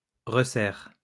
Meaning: inflection of resserrer: 1. first/third-person singular present indicative/subjunctive 2. second-person singular imperative
- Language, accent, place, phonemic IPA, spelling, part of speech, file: French, France, Lyon, /ʁə.sɛʁ/, resserre, verb, LL-Q150 (fra)-resserre.wav